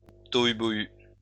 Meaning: tohu-bohu (commotion, chaos)
- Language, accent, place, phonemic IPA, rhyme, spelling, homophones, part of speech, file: French, France, Lyon, /tɔ.y.bɔ.y/, -y, tohu-bohu, tohu-bohus, noun, LL-Q150 (fra)-tohu-bohu.wav